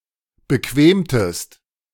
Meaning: inflection of bequemen: 1. second-person singular preterite 2. second-person singular subjunctive II
- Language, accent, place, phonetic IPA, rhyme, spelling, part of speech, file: German, Germany, Berlin, [bəˈkveːmtəst], -eːmtəst, bequemtest, verb, De-bequemtest.ogg